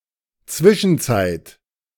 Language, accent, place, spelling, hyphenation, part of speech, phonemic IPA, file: German, Germany, Berlin, Zwischenzeit, Zwi‧schen‧zeit, noun, /ˈt͡svɪʃn̩ˌt͡saɪ̯t/, De-Zwischenzeit.ogg
- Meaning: meantime, interim (period), intervening period, (First, Second, and Third) Intermediate Period (of Ancient Egypt), interval